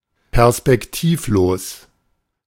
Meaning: without prospects for the future
- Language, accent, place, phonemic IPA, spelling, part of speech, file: German, Germany, Berlin, /pɛʁspɛkˈtiːfˌloːs/, perspektivlos, adjective, De-perspektivlos.ogg